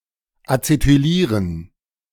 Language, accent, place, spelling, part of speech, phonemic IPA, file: German, Germany, Berlin, acetylieren, verb, /at͡setyˈliːʁən/, De-acetylieren.ogg
- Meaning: to acetylate